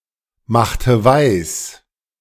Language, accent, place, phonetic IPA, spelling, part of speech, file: German, Germany, Berlin, [ˌmaxtə ˈvaɪ̯s], machte weis, verb, De-machte weis.ogg
- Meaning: inflection of weismachen: 1. first/third-person singular preterite 2. first/third-person singular subjunctive II